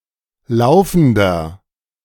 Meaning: inflection of laufend: 1. strong/mixed nominative masculine singular 2. strong genitive/dative feminine singular 3. strong genitive plural
- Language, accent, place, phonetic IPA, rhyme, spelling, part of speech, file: German, Germany, Berlin, [ˈlaʊ̯fn̩dɐ], -aʊ̯fn̩dɐ, laufender, adjective, De-laufender.ogg